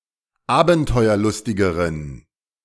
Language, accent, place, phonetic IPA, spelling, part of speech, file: German, Germany, Berlin, [ˈaːbn̩tɔɪ̯ɐˌlʊstɪɡəʁən], abenteuerlustigeren, adjective, De-abenteuerlustigeren.ogg
- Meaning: inflection of abenteuerlustig: 1. strong genitive masculine/neuter singular comparative degree 2. weak/mixed genitive/dative all-gender singular comparative degree